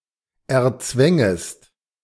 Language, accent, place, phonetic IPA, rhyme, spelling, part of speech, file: German, Germany, Berlin, [ɛɐ̯ˈt͡svɛŋəst], -ɛŋəst, erzwängest, verb, De-erzwängest.ogg
- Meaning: second-person singular subjunctive II of erzwingen